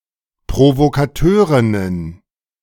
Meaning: plural of Provokateurin
- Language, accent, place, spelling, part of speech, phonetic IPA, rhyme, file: German, Germany, Berlin, Provokateurinnen, noun, [pʁovokaˈtøːʁɪnən], -øːʁɪnən, De-Provokateurinnen.ogg